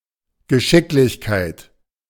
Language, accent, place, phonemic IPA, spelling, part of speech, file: German, Germany, Berlin, /ɡəˈʃɪklɪçkaɪ̯t/, Geschicklichkeit, noun, De-Geschicklichkeit.ogg
- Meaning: dexterity (skill in performing tasks, especially with the hands)